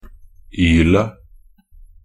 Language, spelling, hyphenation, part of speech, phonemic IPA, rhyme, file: Norwegian Bokmål, -ylet, -yl‧et, suffix, /ˈyːlə/, -yːlə, Nb--ylet.ogg
- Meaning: singular neuter definite form of -yl